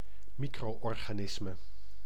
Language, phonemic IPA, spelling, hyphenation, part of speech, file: Dutch, /ˈmi.kroː.ɔr.ɣaːˌnɪs.mə/, micro-organisme, mi‧cro-or‧ga‧nis‧me, noun, Nl-micro-organisme.ogg
- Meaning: micro-organism